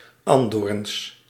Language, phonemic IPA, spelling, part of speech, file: Dutch, /ˈɑndorᵊns/, andoorns, noun, Nl-andoorns.ogg
- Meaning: plural of andoorn